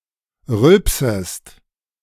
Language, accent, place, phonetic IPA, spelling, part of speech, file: German, Germany, Berlin, [ˈʁʏlpsəst], rülpsest, verb, De-rülpsest.ogg
- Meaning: second-person singular subjunctive I of rülpsen